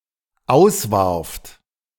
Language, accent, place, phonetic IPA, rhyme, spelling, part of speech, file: German, Germany, Berlin, [ˈaʊ̯sˌvaʁft], -aʊ̯svaʁft, auswarft, verb, De-auswarft.ogg
- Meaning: second-person plural dependent preterite of auswerfen